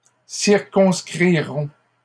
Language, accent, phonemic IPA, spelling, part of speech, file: French, Canada, /siʁ.kɔ̃s.kʁi.ʁɔ̃/, circonscrirons, verb, LL-Q150 (fra)-circonscrirons.wav
- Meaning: first-person plural future of circonscrire